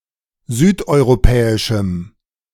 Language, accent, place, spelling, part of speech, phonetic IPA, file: German, Germany, Berlin, südeuropäischem, adjective, [ˈzyːtʔɔɪ̯ʁoˌpɛːɪʃm̩], De-südeuropäischem.ogg
- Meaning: strong dative masculine/neuter singular of südeuropäisch